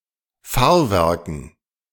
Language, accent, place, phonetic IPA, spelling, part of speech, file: German, Germany, Berlin, [ˈfaːɐ̯ˌvɛʁkn̩], Fahrwerken, noun, De-Fahrwerken.ogg
- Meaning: dative plural of Fahrwerk